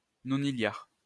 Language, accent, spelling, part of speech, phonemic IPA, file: French, France, nonilliard, numeral, /nɔ.ni.ljaʁ/, LL-Q150 (fra)-nonilliard.wav
- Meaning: octodecillion (10⁵⁷)